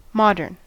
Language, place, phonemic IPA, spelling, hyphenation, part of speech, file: English, California, /ˈmɑ.dɚn/, modern, mod‧ern, adjective / noun, En-us-modern.ogg
- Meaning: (adjective) 1. Pertaining to a current or recent time and style; not ancient 2. Pertaining to the modern period (c.1800 to contemporary times), particularly in academic historiography